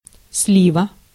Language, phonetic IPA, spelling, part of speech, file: Russian, [ˈs⁽ʲ⁾lʲivə], слива, noun, Ru-слива.ogg
- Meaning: 1. plum (fruit or tree) 2. genitive singular of слив (sliv)